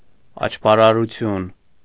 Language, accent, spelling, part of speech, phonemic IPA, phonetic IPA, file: Armenian, Eastern Armenian, աճպարարություն, noun, /ɑt͡ʃpɑɾɑɾuˈtʰjun/, [ɑt͡ʃpɑɾɑɾut͡sʰjún], Hy-աճպարարություն.ogg
- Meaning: 1. sleight of hand, trickery 2. swindling, pulling a fast one